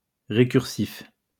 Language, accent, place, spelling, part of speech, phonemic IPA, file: French, France, Lyon, récursif, adjective, /ʁe.kyʁ.sif/, LL-Q150 (fra)-récursif.wav
- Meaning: recursive